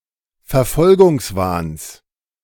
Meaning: genitive singular of Verfolgungswahn
- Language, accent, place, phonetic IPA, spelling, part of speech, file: German, Germany, Berlin, [fɛɐ̯ˈfɔlɡʊŋsˌvaːns], Verfolgungswahns, noun, De-Verfolgungswahns.ogg